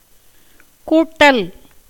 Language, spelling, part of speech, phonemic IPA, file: Tamil, கூட்டல், noun / verb, /kuːʈːɐl/, Ta-கூட்டல்.ogg
- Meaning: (noun) 1. addition 2. uniting, joining 3. seeking the alliance of powerful kings; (verb) A gerund of கூட்டு (kūṭṭu)